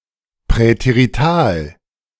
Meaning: preterite
- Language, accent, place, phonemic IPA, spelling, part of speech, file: German, Germany, Berlin, /pʁɛteʁiˈtaːl/, präterital, adjective, De-präterital.ogg